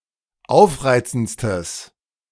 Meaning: strong/mixed nominative/accusative neuter singular superlative degree of aufreizend
- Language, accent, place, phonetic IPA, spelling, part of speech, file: German, Germany, Berlin, [ˈaʊ̯fˌʁaɪ̯t͡sn̩t͡stəs], aufreizendstes, adjective, De-aufreizendstes.ogg